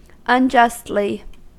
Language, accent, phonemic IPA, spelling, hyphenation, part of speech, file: English, US, /ʌnˈd͡ʒʌstli/, unjustly, un‧just‧ly, adverb, En-us-unjustly.ogg
- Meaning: In an unjust manner